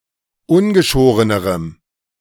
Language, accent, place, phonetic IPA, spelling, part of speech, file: German, Germany, Berlin, [ˈʊnɡəˌʃoːʁənəʁəm], ungeschorenerem, adjective, De-ungeschorenerem.ogg
- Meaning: strong dative masculine/neuter singular comparative degree of ungeschoren